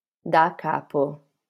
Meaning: from scratch; from the beginning; from the top
- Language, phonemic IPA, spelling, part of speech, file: Italian, /da ˈka.po/, da capo, adverb, LL-Q652 (ita)-da capo.wav